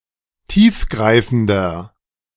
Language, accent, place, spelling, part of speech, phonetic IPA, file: German, Germany, Berlin, tiefgreifender, adjective, [ˈtiːfˌɡʁaɪ̯fn̩dɐ], De-tiefgreifender.ogg
- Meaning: inflection of tiefgreifend: 1. strong/mixed nominative masculine singular 2. strong genitive/dative feminine singular 3. strong genitive plural